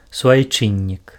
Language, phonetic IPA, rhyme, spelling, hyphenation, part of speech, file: Belarusian, [suajˈt͡ʂɨnʲːik], -ɨnʲːik, суайчыннік, су‧ай‧чын‧нік, noun, Be-суайчыннік.ogg
- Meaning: compatriot, fellow countryman (a person who has a common homeland with someone)